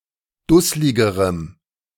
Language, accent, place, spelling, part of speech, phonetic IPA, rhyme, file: German, Germany, Berlin, dussligerem, adjective, [ˈdʊslɪɡəʁəm], -ʊslɪɡəʁəm, De-dussligerem.ogg
- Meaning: strong dative masculine/neuter singular comparative degree of dusslig